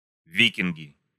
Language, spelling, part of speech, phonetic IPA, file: Russian, викинги, noun, [ˈvʲikʲɪnɡʲɪ], Ru-викинги.ogg
- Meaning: nominative plural of ви́кинг (víking)